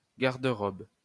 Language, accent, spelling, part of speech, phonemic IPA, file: French, France, garde-robe, noun, /ɡaʁ.d(ə).ʁɔb/, LL-Q150 (fra)-garde-robe.wav
- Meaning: an armoire; a wardrobe (a piece of furniture for clothes)